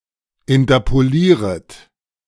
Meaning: second-person plural subjunctive I of interpolieren
- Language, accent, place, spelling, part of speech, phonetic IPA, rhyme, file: German, Germany, Berlin, interpolieret, verb, [ɪntɐpoˈliːʁət], -iːʁət, De-interpolieret.ogg